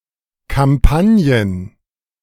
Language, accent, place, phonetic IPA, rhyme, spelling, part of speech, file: German, Germany, Berlin, [kamˈpanjən], -anjən, Kampagnen, noun, De-Kampagnen.ogg
- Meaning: plural of Kampagne